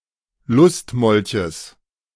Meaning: genitive singular of Lustmolch
- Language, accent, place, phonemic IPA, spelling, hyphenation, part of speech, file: German, Germany, Berlin, /ˈlʊstmɔlçəs/, Lustmolches, Lust‧mol‧ches, noun, De-Lustmolches.ogg